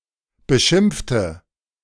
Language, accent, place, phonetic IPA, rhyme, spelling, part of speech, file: German, Germany, Berlin, [bəˈʃɪmp͡ftə], -ɪmp͡ftə, beschimpfte, adjective / verb, De-beschimpfte.ogg
- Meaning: inflection of beschimpfen: 1. first/third-person singular preterite 2. first/third-person singular subjunctive II